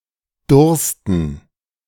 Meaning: to thirst, be thirsty
- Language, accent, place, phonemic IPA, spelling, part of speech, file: German, Germany, Berlin, /ˈdʊrstən/, dursten, verb, De-dursten.ogg